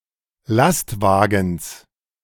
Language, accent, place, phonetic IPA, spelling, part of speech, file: German, Germany, Berlin, [ˈlastˌvaːɡn̩s], Lastwagens, noun, De-Lastwagens.ogg
- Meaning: genitive singular of Lastwagen